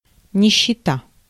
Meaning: 1. poverty, destitution, penury, misery 2. beggars, beggary
- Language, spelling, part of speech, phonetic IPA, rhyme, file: Russian, нищета, noun, [nʲɪɕːɪˈta], -a, Ru-нищета.ogg